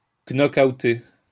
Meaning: alternative form of knockouter
- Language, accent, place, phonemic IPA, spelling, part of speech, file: French, France, Lyon, /nɔ.kaw.te/, knock-outer, verb, LL-Q150 (fra)-knock-outer.wav